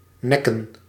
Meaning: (verb) 1. to neck, to kill by hitting the neck or strangulation 2. to eliminate (e.g. a rival), to hurt very badly 3. to throw up, vomit 4. to believe, comprehend, listen, pay attention, look
- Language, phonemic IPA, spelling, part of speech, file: Dutch, /ˈnɛkə(n)/, nekken, verb / noun, Nl-nekken.ogg